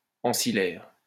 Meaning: of servants, with servants
- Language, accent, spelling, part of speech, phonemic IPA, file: French, France, ancillaire, adjective, /ɑ̃.si.lɛʁ/, LL-Q150 (fra)-ancillaire.wav